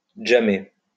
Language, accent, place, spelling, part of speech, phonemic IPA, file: French, France, Lyon, jammer, verb, /dʒa.me/, LL-Q150 (fra)-jammer.wav
- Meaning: to jam; have a jam session